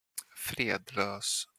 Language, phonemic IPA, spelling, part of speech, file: Swedish, /ˈfreːdˌløːs/, fredlös, adjective, Sv-fredlös.flac
- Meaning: 1. outlawed 2. an outlaw